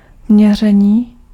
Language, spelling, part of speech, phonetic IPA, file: Czech, měření, noun / adjective, [ˈmɲɛr̝ɛɲiː], Cs-měření.ogg
- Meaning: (noun) 1. verbal noun of měřit 2. measurement; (adjective) animate masculine nominative/vocative plural of měřený